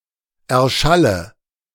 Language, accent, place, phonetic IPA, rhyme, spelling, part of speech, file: German, Germany, Berlin, [ˌɛɐ̯ˈʃalə], -alə, erschalle, verb, De-erschalle.ogg
- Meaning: inflection of erschallen: 1. first-person singular present 2. first/third-person singular subjunctive I 3. singular imperative